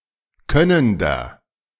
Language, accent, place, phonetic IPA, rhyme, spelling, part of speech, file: German, Germany, Berlin, [ˈkœnəndɐ], -œnəndɐ, könnender, adjective, De-könnender.ogg
- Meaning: inflection of könnend: 1. strong/mixed nominative masculine singular 2. strong genitive/dative feminine singular 3. strong genitive plural